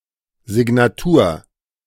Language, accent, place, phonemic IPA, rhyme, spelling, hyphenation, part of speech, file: German, Germany, Berlin, /zɪɡnaˈtuːɐ̯/, -uːɐ̯, Signatur, Si‧g‧na‧tur, noun, De-Signatur.ogg
- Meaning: signature (chiefly on paintings)